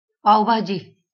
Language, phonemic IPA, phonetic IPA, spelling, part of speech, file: Marathi, /paʋ.bʱa.d͡ʑi/, [paʋ.bʱa.d͡ʑiː], पाव भाजी, noun, LL-Q1571 (mar)-पाव भाजी.wav
- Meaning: pav bhaji